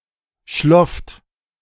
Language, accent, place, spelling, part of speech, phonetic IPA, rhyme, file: German, Germany, Berlin, schlofft, verb, [ʃlɔft], -ɔft, De-schlofft.ogg
- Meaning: second-person plural preterite of schliefen